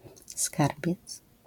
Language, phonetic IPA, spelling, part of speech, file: Polish, [ˈskarbʲjɛt͡s], skarbiec, noun, LL-Q809 (pol)-skarbiec.wav